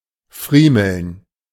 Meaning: to fiddle; to move something in one's hands, especially by rubbing it between thumb and forefinger
- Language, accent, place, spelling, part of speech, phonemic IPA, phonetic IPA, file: German, Germany, Berlin, friemeln, verb, /ˈfriːməln/, [ˈfʁiːml̩n], De-friemeln.ogg